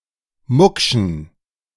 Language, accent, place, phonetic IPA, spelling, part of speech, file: German, Germany, Berlin, [ˈmʊkʃn̩], muckschen, adjective, De-muckschen.ogg
- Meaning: inflection of mucksch: 1. strong genitive masculine/neuter singular 2. weak/mixed genitive/dative all-gender singular 3. strong/weak/mixed accusative masculine singular 4. strong dative plural